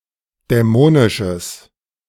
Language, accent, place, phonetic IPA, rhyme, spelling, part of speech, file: German, Germany, Berlin, [dɛˈmoːnɪʃəs], -oːnɪʃəs, dämonisches, adjective, De-dämonisches.ogg
- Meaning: strong/mixed nominative/accusative neuter singular of dämonisch